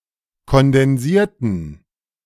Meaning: inflection of kondensieren: 1. first/third-person plural preterite 2. first/third-person plural subjunctive II
- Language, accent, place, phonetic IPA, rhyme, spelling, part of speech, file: German, Germany, Berlin, [kɔndɛnˈziːɐ̯tn̩], -iːɐ̯tn̩, kondensierten, adjective / verb, De-kondensierten.ogg